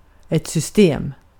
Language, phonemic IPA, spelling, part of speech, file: Swedish, /syst.eːm/, system, noun, Sv-system.ogg
- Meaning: 1. a system, a way or method of organizing items and knowledge 2. a computer system (primarily its hardware) 3. short for systembolag 4. short for systembolag: Systembolaget